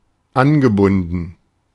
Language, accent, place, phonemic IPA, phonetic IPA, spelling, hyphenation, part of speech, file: German, Germany, Berlin, /ˈanɡəˌbʊndən/, [ˈʔanɡəˌbʊndn̩], angebunden, an‧ge‧bun‧den, verb / adjective, De-angebunden.ogg
- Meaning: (verb) past participle of anbinden; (adjective) bound, connected